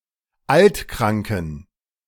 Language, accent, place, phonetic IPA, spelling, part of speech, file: German, Germany, Berlin, [ˈaltˌkʁaŋkn̩], altkranken, adjective, De-altkranken.ogg
- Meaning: inflection of altkrank: 1. strong genitive masculine/neuter singular 2. weak/mixed genitive/dative all-gender singular 3. strong/weak/mixed accusative masculine singular 4. strong dative plural